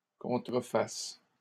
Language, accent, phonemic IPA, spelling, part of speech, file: French, Canada, /kɔ̃.tʁə.fas/, contrefasses, verb, LL-Q150 (fra)-contrefasses.wav
- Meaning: second-person singular present subjunctive of contrefaire